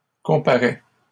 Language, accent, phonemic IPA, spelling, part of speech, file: French, Canada, /kɔ̃.pa.ʁɛ/, comparais, verb, LL-Q150 (fra)-comparais.wav
- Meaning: 1. first/second-person singular imperfect indicative of comparer 2. inflection of comparaître: first/second-person singular present indicative